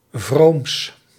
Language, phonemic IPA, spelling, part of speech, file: Dutch, /vroms/, vrooms, adjective, Nl-vrooms.ogg
- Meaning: partitive of vroom